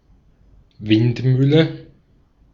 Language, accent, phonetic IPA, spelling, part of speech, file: German, Austria, [ˈvɪnt.ˌmyːlə], Windmühle, noun, De-at-Windmühle.ogg
- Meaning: windmill